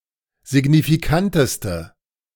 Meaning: inflection of signifikant: 1. strong/mixed nominative/accusative feminine singular superlative degree 2. strong nominative/accusative plural superlative degree
- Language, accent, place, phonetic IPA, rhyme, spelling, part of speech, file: German, Germany, Berlin, [zɪɡnifiˈkantəstə], -antəstə, signifikanteste, adjective, De-signifikanteste.ogg